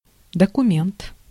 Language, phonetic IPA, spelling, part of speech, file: Russian, [dəkʊˈmʲent], документ, noun, Ru-документ.ogg
- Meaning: document, paper